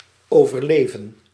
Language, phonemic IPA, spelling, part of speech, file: Dutch, /ˌoː.vərˈleː.və(n)/, overleven, verb / noun, Nl-overleven.ogg
- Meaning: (verb) 1. to survive (to remain alive) 2. to survive, outlive (to live longer than); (noun) survival